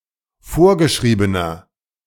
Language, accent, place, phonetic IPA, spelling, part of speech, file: German, Germany, Berlin, [ˈfoːɐ̯ɡəˌʃʁiːbənɐ], vorgeschriebener, adjective, De-vorgeschriebener.ogg
- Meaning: inflection of vorgeschrieben: 1. strong/mixed nominative masculine singular 2. strong genitive/dative feminine singular 3. strong genitive plural